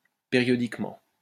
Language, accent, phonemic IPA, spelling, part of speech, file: French, France, /pe.ʁjɔ.dik.mɑ̃/, périodiquement, adverb, LL-Q150 (fra)-périodiquement.wav
- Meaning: periodically (in a regular, periodic manner)